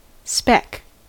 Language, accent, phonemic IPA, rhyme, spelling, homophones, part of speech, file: English, US, /spɛk/, -ɛk, speck, spec, noun / verb, En-us-speck.ogg
- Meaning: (noun) 1. A tiny spot or particle, especially of dirt 2. A very small amount; a particle; a whit 3. A small etheostomoid fish, Etheostoma stigmaeum, common in the eastern United States